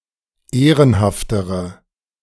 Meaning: inflection of ehrenhaft: 1. strong/mixed nominative/accusative feminine singular comparative degree 2. strong nominative/accusative plural comparative degree
- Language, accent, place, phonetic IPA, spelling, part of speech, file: German, Germany, Berlin, [ˈeːʁənhaftəʁə], ehrenhaftere, adjective, De-ehrenhaftere.ogg